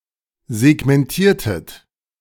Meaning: inflection of segmentieren: 1. second-person plural preterite 2. second-person plural subjunctive II
- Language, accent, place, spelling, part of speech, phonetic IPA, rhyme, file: German, Germany, Berlin, segmentiertet, verb, [zɛɡmɛnˈtiːɐ̯tət], -iːɐ̯tət, De-segmentiertet.ogg